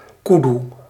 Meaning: kudu, used of two species of antelopes of the genus Tragelaphus, Tragelaphus strepsiceros and Tragelaphus imberbis
- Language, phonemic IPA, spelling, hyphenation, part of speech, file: Dutch, /ˈku.du/, koedoe, koe‧doe, noun, Nl-koedoe.ogg